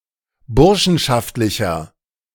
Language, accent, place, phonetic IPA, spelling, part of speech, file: German, Germany, Berlin, [ˈbʊʁʃn̩ʃaftlɪçɐ], burschenschaftlicher, adjective, De-burschenschaftlicher.ogg
- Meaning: 1. comparative degree of burschenschaftlich 2. inflection of burschenschaftlich: strong/mixed nominative masculine singular